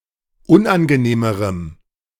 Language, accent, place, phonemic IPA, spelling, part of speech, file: German, Germany, Berlin, /ˈʊnʔanɡəˌneːməʁəm/, unangenehmerem, adjective, De-unangenehmerem.ogg
- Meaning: strong dative masculine/neuter singular comparative degree of unangenehm